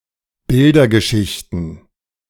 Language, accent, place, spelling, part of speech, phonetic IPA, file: German, Germany, Berlin, Bildergeschichten, noun, [ˈbɪldɐɡəˌʃɪçtn̩], De-Bildergeschichten.ogg
- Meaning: plural of Bildergeschichte